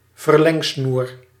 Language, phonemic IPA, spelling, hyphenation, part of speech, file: Dutch, /vərˈlɛŋˌsnur/, verlengsnoer, ver‧leng‧snoer, noun, Nl-verlengsnoer.ogg
- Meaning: an extension cord (electrical cord with plug and power socket(s))